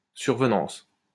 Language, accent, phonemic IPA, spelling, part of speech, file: French, France, /syʁ.və.nɑ̃s/, survenance, noun, LL-Q150 (fra)-survenance.wav
- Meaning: occurrence